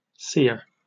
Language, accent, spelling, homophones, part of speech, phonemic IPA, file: English, Received Pronunciation, sere, cere / seer / sear, adjective / noun, /sɪə/, En-uk-sere.oga
- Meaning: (adjective) 1. Without moisture; dry 2. Of thoughts, etc.: barren, fruitless 3. Of fabrics: threadbare, worn out